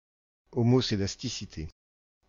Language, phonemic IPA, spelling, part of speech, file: French, /ɔ.mɔ.se.das.ti.si.te/, homoscédasticité, noun, FR-homoscédasticité.ogg
- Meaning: homoscedasticity